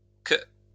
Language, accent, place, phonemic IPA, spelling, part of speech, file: French, France, Lyon, /k‿/, qu', conjunction / pronoun, LL-Q150 (fra)-qu'.wav
- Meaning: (conjunction) 1. apocopic form of que (“that, which; only; etc.”) 2. apocopic form of qui (“who, that, which”); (pronoun) apocopic form of que (“what”)